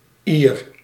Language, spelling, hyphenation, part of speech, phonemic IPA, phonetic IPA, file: Dutch, -ier, -ier, suffix, /ir/, [iːr], Nl--ier.ogg
- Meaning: appended to a word, it yields a noun which signifies the subject who performs something related to that word